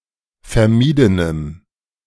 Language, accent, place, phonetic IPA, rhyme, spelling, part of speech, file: German, Germany, Berlin, [fɛɐ̯ˈmiːdənəm], -iːdənəm, vermiedenem, adjective, De-vermiedenem.ogg
- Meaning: strong dative masculine/neuter singular of vermieden